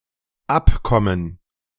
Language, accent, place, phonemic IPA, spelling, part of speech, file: German, Germany, Berlin, /ˈapˌkɔmən/, abkommen, verb, De-abkommen.ogg
- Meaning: 1. to come from, to derive from 2. to stray from (something): to unintentionally stray from (a chosen course) 3. to stray from (something): to digress from (a goal or subject)